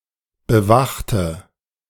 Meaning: inflection of bewachen: 1. first/third-person singular preterite 2. first/third-person singular subjunctive II
- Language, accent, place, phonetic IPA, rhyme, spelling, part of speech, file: German, Germany, Berlin, [bəˈvaxtə], -axtə, bewachte, adjective / verb, De-bewachte.ogg